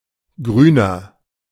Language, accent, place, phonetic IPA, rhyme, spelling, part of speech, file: German, Germany, Berlin, [ˈɡʁyːnɐ], -yːnɐ, Grüner, noun, De-Grüner.ogg
- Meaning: green (member of an environmentalist party; supporter of green politics), environmentalist (male or of unspecified gender)